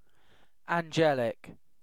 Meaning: 1. Belonging to, or proceeding from, angels; resembling, characteristic of, or partaking of the nature of, an angel 2. Very sweet-natured, well-behaved, or beautiful
- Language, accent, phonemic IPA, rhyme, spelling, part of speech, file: English, UK, /ænˈd͡ʒɛlɪk/, -ɛlɪk, angelic, adjective, En-uk-angelic.ogg